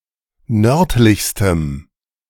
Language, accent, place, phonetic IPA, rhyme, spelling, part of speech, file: German, Germany, Berlin, [ˈnœʁtlɪçstəm], -œʁtlɪçstəm, nördlichstem, adjective, De-nördlichstem.ogg
- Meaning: strong dative masculine/neuter singular superlative degree of nördlich